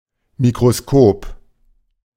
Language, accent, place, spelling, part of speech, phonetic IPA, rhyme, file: German, Germany, Berlin, Mikroskop, noun, [mikʁoˈskoːp], -oːp, De-Mikroskop.ogg
- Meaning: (noun) microscope; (proper noun) Microscopium (constellation)